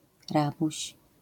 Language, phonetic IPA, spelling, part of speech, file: Polish, [ˈrabuɕ], rabuś, noun, LL-Q809 (pol)-rabuś.wav